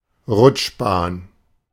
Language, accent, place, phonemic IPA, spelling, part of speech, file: German, Germany, Berlin, /ˈʁʊtʃˌbaːn/, Rutschbahn, noun, De-Rutschbahn.ogg
- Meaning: 1. slide (toy) 2. a very slippery road